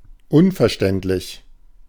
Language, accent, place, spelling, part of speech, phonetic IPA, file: German, Germany, Berlin, unverständlich, adjective, [ˈʊnfɛɐ̯ˌʃtɛntlɪç], De-unverständlich.ogg
- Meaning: 1. incomprehensible 2. ununderstandable (Karl Jaspers)